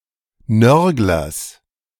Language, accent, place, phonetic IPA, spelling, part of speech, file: German, Germany, Berlin, [ˈnœʁɡlɐs], Nörglers, noun, De-Nörglers.ogg
- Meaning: genitive singular of Nörgler